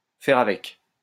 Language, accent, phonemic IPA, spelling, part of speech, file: French, France, /fɛʁ a.vɛk/, faire avec, verb, LL-Q150 (fra)-faire avec.wav
- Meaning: to put up with it, to make do